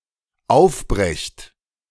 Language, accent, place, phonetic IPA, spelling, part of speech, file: German, Germany, Berlin, [ˈaʊ̯fˌbʁɛçt], aufbrecht, verb, De-aufbrecht.ogg
- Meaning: second-person plural dependent present of aufbrechen